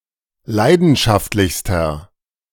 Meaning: inflection of leidenschaftlich: 1. strong/mixed nominative masculine singular superlative degree 2. strong genitive/dative feminine singular superlative degree
- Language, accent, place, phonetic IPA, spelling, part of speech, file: German, Germany, Berlin, [ˈlaɪ̯dn̩ʃaftlɪçstɐ], leidenschaftlichster, adjective, De-leidenschaftlichster.ogg